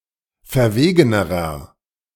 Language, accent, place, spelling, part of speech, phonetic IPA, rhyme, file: German, Germany, Berlin, verwegenerer, adjective, [fɛɐ̯ˈveːɡənəʁɐ], -eːɡənəʁɐ, De-verwegenerer.ogg
- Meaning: inflection of verwegen: 1. strong/mixed nominative masculine singular comparative degree 2. strong genitive/dative feminine singular comparative degree 3. strong genitive plural comparative degree